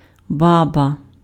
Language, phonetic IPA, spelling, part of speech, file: Ukrainian, [ˈbabɐ], баба, noun, Uk-баба.ogg
- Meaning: 1. grandmother, granny, old woman (in some cases maternal grandmother only) 2. a fortune teller or witch, practising the art of віск зливати (visk zlyvaty, “wax pouring”) 3. (any) woman; countrywoman